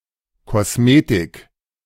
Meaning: cosmetics (act or study of enhancing beauty)
- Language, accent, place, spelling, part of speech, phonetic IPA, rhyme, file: German, Germany, Berlin, Kosmetik, noun, [kɔsˈmeːtɪk], -eːtɪk, De-Kosmetik.ogg